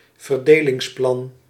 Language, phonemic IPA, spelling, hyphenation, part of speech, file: Dutch, /vərˈdeː.lɪŋsˌplɑn/, verdelingsplan, ver‧de‧lings‧plan, noun, Nl-verdelingsplan.ogg
- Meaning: a partition plan